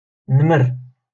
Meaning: tiger
- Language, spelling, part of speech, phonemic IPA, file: Moroccan Arabic, نمر, noun, /nmar/, LL-Q56426 (ary)-نمر.wav